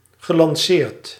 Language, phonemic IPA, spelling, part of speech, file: Dutch, /ɣəlɑnˈsert/, gelanceerd, verb, Nl-gelanceerd.ogg
- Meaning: past participle of lanceren